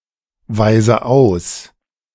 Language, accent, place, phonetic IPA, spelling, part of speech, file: German, Germany, Berlin, [ˌvaɪ̯zə ˈaʊ̯s], weise aus, verb, De-weise aus.ogg
- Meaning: inflection of ausweisen: 1. first-person singular present 2. first/third-person singular subjunctive I 3. singular imperative